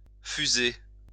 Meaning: 1. to melt or fuse 2. to gush or spurt 3. to ring out, sound out
- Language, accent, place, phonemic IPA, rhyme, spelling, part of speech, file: French, France, Lyon, /fy.ze/, -e, fuser, verb, LL-Q150 (fra)-fuser.wav